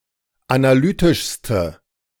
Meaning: inflection of analytisch: 1. strong/mixed nominative/accusative feminine singular superlative degree 2. strong nominative/accusative plural superlative degree
- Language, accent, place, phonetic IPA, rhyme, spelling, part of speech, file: German, Germany, Berlin, [anaˈlyːtɪʃstə], -yːtɪʃstə, analytischste, adjective, De-analytischste.ogg